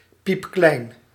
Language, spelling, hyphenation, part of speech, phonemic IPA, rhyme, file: Dutch, piepklein, piep‧klein, adjective, /ˈpipklɛi̯n/, -ɛi̯n, Nl-piepklein.ogg
- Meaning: tiny, microscopic